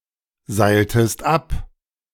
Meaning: inflection of abseilen: 1. second-person singular preterite 2. second-person singular subjunctive II
- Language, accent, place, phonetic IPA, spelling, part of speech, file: German, Germany, Berlin, [ˌzaɪ̯ltəst ˈap], seiltest ab, verb, De-seiltest ab.ogg